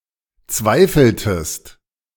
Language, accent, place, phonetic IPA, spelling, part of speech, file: German, Germany, Berlin, [ˈt͡svaɪ̯fl̩təst], zweifeltest, verb, De-zweifeltest.ogg
- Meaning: inflection of zweifeln: 1. second-person singular preterite 2. second-person singular subjunctive II